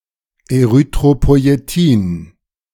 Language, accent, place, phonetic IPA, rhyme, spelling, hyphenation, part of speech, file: German, Germany, Berlin, [eˌʁʏtʁopɔi̯eˈtiːn], -iːn, Erythropoietin, Ery‧thro‧poi‧e‧tin, noun, De-Erythropoietin.ogg
- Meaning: erythropoietin